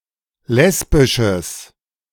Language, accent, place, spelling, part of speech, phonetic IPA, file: German, Germany, Berlin, lesbisches, adjective, [ˈlɛsbɪʃəs], De-lesbisches.ogg
- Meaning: strong/mixed nominative/accusative neuter singular of lesbisch